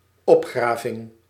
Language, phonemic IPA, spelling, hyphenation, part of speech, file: Dutch, /ˈɔpˌxraː.vɪŋ/, opgraving, op‧gra‧ving, noun, Nl-opgraving.ogg
- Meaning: 1. excavation, dig 2. disinterment, exhumation